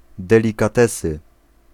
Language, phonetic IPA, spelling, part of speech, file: Polish, [ˌdɛlʲikaˈtɛsɨ], delikatesy, noun, Pl-delikatesy.ogg